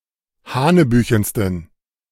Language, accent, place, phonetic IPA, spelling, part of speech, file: German, Germany, Berlin, [ˈhaːnəˌbyːçn̩stən], hanebüchensten, adjective, De-hanebüchensten.ogg
- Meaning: 1. superlative degree of hanebüchen 2. inflection of hanebüchen: strong genitive masculine/neuter singular superlative degree